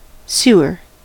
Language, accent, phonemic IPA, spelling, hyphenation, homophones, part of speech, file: English, US, /ˈsuɚ/, sewer, sew‧er, suer, noun / verb, En-us-sewer.ogg
- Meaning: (noun) A pipe or channel, or system of pipes or channels, used to remove human waste and to provide drainage; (verb) To provide (a place) with a system of sewers